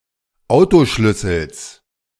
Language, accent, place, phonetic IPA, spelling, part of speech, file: German, Germany, Berlin, [ˈaʊ̯toˌʃlʏsəls], Autoschlüssels, noun, De-Autoschlüssels.ogg
- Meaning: genitive singular of Autoschlüssel